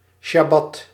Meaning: Sabbath
- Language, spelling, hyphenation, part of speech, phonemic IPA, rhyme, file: Dutch, sjabbat, sjab‧bat, noun, /ʃɑˈbɑt/, -ɑt, Nl-sjabbat.ogg